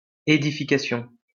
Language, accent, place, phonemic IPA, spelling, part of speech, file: French, France, Lyon, /e.di.fi.ka.sjɔ̃/, ædification, noun, LL-Q150 (fra)-ædification.wav
- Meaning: obsolete form of édification